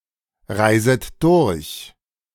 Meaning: second-person plural subjunctive I of durchreisen
- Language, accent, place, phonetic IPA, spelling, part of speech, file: German, Germany, Berlin, [ˌʁaɪ̯zət ˈdʊʁç], reiset durch, verb, De-reiset durch.ogg